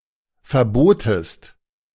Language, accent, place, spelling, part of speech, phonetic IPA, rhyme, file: German, Germany, Berlin, verbotest, verb, [fɛɐ̯ˈboːtəst], -oːtəst, De-verbotest.ogg
- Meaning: second-person singular preterite of verbieten